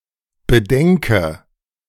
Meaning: inflection of bedenken: 1. first-person singular present 2. first/third-person singular subjunctive I 3. singular imperative
- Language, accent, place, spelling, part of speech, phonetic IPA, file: German, Germany, Berlin, bedenke, verb, [bəˈdɛŋkə], De-bedenke.ogg